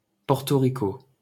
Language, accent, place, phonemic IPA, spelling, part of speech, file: French, France, Paris, /pɔʁ.to ʁi.ko/, Porto Rico, proper noun, LL-Q150 (fra)-Porto Rico.wav
- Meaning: Puerto Rico (a commonwealth, island and dependent territory of the United States in the Caribbean)